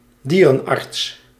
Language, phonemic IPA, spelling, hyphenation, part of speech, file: Dutch, /ˈdiː.rə(n)ˌɑrts/, dierenarts, die‧ren‧arts, noun, Nl-dierenarts.ogg
- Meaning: a veterinarian; mostly used for one treating pets